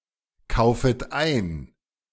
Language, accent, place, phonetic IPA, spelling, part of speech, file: German, Germany, Berlin, [ˌkaʊ̯fət ˈaɪ̯n], kaufet ein, verb, De-kaufet ein.ogg
- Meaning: second-person plural subjunctive I of einkaufen